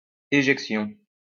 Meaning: ejection
- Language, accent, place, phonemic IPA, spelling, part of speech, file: French, France, Lyon, /e.ʒɛk.sjɔ̃/, éjection, noun, LL-Q150 (fra)-éjection.wav